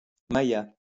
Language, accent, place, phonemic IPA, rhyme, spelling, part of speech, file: French, France, Lyon, /ma.ja/, -ja, maya, adjective, LL-Q150 (fra)-maya.wav
- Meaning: 1. Mayan (relating to the Mayans) 2. Mayan (relating to the Mayan language)